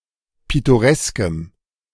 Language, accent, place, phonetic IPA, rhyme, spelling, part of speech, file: German, Germany, Berlin, [ˌpɪtoˈʁɛskəm], -ɛskəm, pittoreskem, adjective, De-pittoreskem.ogg
- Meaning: strong dative masculine/neuter singular of pittoresk